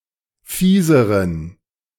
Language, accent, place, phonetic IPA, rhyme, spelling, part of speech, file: German, Germany, Berlin, [ˈfiːzəʁən], -iːzəʁən, fieseren, adjective, De-fieseren.ogg
- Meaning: inflection of fies: 1. strong genitive masculine/neuter singular comparative degree 2. weak/mixed genitive/dative all-gender singular comparative degree